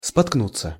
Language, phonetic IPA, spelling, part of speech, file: Russian, [spɐtkˈnut͡sːə], споткнуться, verb, Ru-споткнуться.ogg
- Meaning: 1. to stumble, to trip 2. to stumble (over), to get stuck (on) 3. to slip, to make a mistake